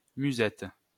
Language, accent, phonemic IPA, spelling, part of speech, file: French, France, /my.zɛt/, musette, noun, LL-Q150 (fra)-musette.wav
- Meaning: 1. musette 2. bagpipe 3. ellipsis of bal musette 4. haversack (small bag for provisions) 5. nosebag (round sack or bag to feed for a horse)